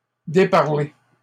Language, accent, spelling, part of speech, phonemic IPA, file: French, Canada, déparler, verb, /de.paʁ.le/, LL-Q150 (fra)-déparler.wav
- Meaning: 1. to speak nastily 2. to speak nonsense or gibberish 3. to stop talking